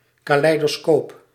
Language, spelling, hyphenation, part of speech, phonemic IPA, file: Dutch, caleidoscoop, ca‧lei‧do‧scoop, noun, /kaː.lɛi̯.doːˈskoːp/, Nl-caleidoscoop.ogg
- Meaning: kaleidoscope